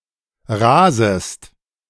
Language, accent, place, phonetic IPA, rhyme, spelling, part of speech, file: German, Germany, Berlin, [ˈʁaːzəst], -aːzəst, rasest, verb, De-rasest.ogg
- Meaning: second-person singular subjunctive I of rasen